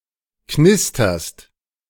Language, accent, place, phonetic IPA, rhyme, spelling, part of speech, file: German, Germany, Berlin, [ˈknɪstɐst], -ɪstɐst, knisterst, verb, De-knisterst.ogg
- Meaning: second-person singular present of knistern